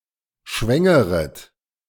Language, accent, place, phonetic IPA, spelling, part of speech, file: German, Germany, Berlin, [ˈʃvɛŋəʁət], schwängeret, verb, De-schwängeret.ogg
- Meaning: second-person plural subjunctive I of schwängern